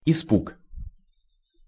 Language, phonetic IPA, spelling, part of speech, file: Russian, [ɪˈspuk], испуг, noun, Ru-испуг.ogg
- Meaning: fright, alarm (sudden surprise with fear or terror)